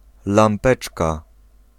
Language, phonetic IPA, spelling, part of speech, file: Polish, [lãmˈpɛt͡ʃka], lampeczka, noun, Pl-lampeczka.ogg